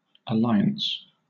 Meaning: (noun) 1. The state of being allied 2. The act of allying or uniting
- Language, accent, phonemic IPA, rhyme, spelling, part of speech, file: English, Southern England, /əˈlaɪ.əns/, -aɪəns, alliance, noun / verb, LL-Q1860 (eng)-alliance.wav